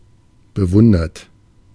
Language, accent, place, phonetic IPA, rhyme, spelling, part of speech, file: German, Germany, Berlin, [bəˈvʊndɐt], -ʊndɐt, bewundert, adjective / verb, De-bewundert.ogg
- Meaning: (verb) past participle of bewundern; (adjective) admired; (verb) inflection of bewundern: 1. third-person singular present 2. second-person plural present 3. plural imperative